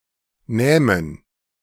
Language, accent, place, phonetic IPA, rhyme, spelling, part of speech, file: German, Germany, Berlin, [ˈnɛːmən], -ɛːmən, nähmen, verb, De-nähmen.ogg
- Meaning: first/third-person plural subjunctive II of nehmen